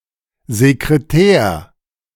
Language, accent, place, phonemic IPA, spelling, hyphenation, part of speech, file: German, Germany, Berlin, /zekreˈtɛːr/, Sekretär, Se‧kre‧tär, noun, De-Sekretär.ogg
- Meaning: 1. secretary (male or unspecified sex) 2. official of an organization 3. high-ranking member in the Central committee of the Socialist Unity Party of Germany